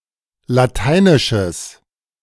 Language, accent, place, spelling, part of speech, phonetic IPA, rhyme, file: German, Germany, Berlin, lateinisches, adjective, [laˈtaɪ̯nɪʃəs], -aɪ̯nɪʃəs, De-lateinisches.ogg
- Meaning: strong/mixed nominative/accusative neuter singular of lateinisch